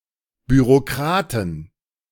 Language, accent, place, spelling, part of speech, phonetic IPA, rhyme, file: German, Germany, Berlin, Bürokraten, noun, [ˌbyʁoˈkʁaːtn̩], -aːtn̩, De-Bürokraten.ogg
- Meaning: plural of Bürokrat